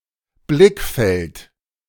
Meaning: field of vision
- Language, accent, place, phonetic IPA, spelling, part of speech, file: German, Germany, Berlin, [ˈblɪkˌfɛlt], Blickfeld, noun, De-Blickfeld.ogg